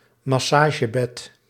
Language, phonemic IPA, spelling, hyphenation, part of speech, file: Dutch, /mɑˈsaːʒəbɛt/, massagebed, mas‧sa‧ge‧bed, noun, Nl-massagebed2.ogg
- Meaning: massage bed